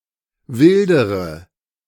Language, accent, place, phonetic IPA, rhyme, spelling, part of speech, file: German, Germany, Berlin, [ˈvɪldəʁə], -ɪldəʁə, wildere, verb, De-wildere.ogg
- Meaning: inflection of wildern: 1. first-person singular present 2. first/third-person singular subjunctive I 3. singular imperative